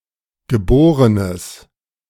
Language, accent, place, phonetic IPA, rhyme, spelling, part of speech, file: German, Germany, Berlin, [ɡəˈboːʁənəs], -oːʁənəs, geborenes, adjective, De-geborenes.ogg
- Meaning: strong/mixed nominative/accusative neuter singular of geboren